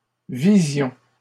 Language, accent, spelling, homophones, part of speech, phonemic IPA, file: French, Canada, visions, vision, noun / verb, /vi.zjɔ̃/, LL-Q150 (fra)-visions.wav
- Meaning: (noun) plural of vision; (verb) inflection of viser: 1. first-person plural imperfect indicative 2. first-person plural present subjunctive